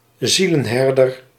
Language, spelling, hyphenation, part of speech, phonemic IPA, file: Dutch, zielenherder, zie‧len‧her‧der, noun, /ˈzi.lə(n)ˌɦɛr.dər/, Nl-zielenherder.ogg
- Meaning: 1. pastor; a reverend, minister, priest or cleric 2. pastor, someone who provides pastoral care